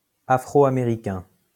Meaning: Afro-American
- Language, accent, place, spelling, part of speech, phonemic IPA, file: French, France, Lyon, afro-américain, adjective, /a.fʁo.a.me.ʁi.kɛ̃/, LL-Q150 (fra)-afro-américain.wav